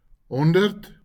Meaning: hundred
- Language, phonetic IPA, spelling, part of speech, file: Afrikaans, [ɦɔn.dərt], honderd, numeral, LL-Q14196 (afr)-honderd.wav